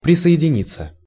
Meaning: 1. to join 2. to accede 3. to associate oneself 4. to endorse, to go along with 5. passive of присоедини́ть (prisojedinítʹ)
- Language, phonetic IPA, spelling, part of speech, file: Russian, [prʲɪsə(j)ɪdʲɪˈnʲit͡sːə], присоединиться, verb, Ru-присоединиться.ogg